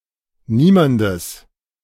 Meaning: genitive of niemand
- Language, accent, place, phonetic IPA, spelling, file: German, Germany, Berlin, [ˈniːmandəs], niemandes, De-niemandes.ogg